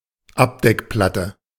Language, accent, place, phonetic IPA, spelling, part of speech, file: German, Germany, Berlin, [ˈapdɛkˌplatə], Abdeckplatte, noun, De-Abdeckplatte.ogg
- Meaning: panel